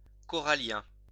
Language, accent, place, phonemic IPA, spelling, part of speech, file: French, France, Lyon, /kɔ.ʁa.ljɛ̃/, corallien, adjective, LL-Q150 (fra)-corallien.wav
- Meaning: 1. coral 2. coralline (resembling coral)